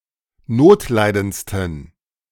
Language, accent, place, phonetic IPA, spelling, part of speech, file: German, Germany, Berlin, [ˈnoːtˌlaɪ̯dənt͡stn̩], notleidendsten, adjective, De-notleidendsten.ogg
- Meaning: 1. superlative degree of notleidend 2. inflection of notleidend: strong genitive masculine/neuter singular superlative degree